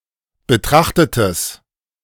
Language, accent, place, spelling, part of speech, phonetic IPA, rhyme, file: German, Germany, Berlin, betrachtetes, adjective, [bəˈtʁaxtətəs], -axtətəs, De-betrachtetes.ogg
- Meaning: strong/mixed nominative/accusative neuter singular of betrachtet